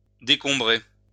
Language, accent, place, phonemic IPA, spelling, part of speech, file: French, France, Lyon, /de.kɔ̃.bʁe/, décombrer, verb, LL-Q150 (fra)-décombrer.wav
- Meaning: to clear away rubbish, to clear rubbish from